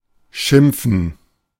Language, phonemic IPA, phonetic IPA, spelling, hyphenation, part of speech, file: German, /ˈʃɪmpfən/, [ˈʃʷɪm.p͡fɱ̩], schimpfen, schimp‧fen, verb, De-schimpfen.oga
- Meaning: 1. to tell off, to scold, to yell at 2. to complain, to grouse, to bitch, to curse 3. to call 4. to call oneself